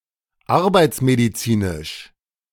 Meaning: occupational health / medicine
- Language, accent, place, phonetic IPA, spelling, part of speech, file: German, Germany, Berlin, [ˈaʁbaɪ̯t͡smediˌt͡siːnɪʃ], arbeitsmedizinisch, adjective, De-arbeitsmedizinisch.ogg